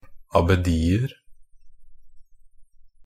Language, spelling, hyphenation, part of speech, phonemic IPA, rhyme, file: Norwegian Bokmål, abbedier, ab‧be‧di‧er, noun, /abəˈdiːər/, -ər, NB - Pronunciation of Norwegian Bokmål «abbedier».ogg
- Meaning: indefinite plural of abbedi